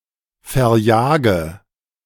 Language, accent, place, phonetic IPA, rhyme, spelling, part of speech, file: German, Germany, Berlin, [fɛɐ̯ˈjaːɡə], -aːɡə, verjage, verb, De-verjage.ogg
- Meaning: inflection of verjagen: 1. first-person singular present 2. first/third-person singular subjunctive I 3. singular imperative